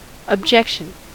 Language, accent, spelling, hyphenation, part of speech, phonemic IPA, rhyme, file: English, US, objection, ob‧jec‧tion, noun / interjection, /əbˈd͡ʒɛkʃən/, -ɛkʃən, En-us-objection.ogg
- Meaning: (noun) 1. The act of objecting 2. A statement expressing opposition, or a reason or cause for expressing opposition (generally followed by the adposition to)